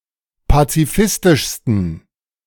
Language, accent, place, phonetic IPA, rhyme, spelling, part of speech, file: German, Germany, Berlin, [pat͡siˈfɪstɪʃstn̩], -ɪstɪʃstn̩, pazifistischsten, adjective, De-pazifistischsten.ogg
- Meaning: 1. superlative degree of pazifistisch 2. inflection of pazifistisch: strong genitive masculine/neuter singular superlative degree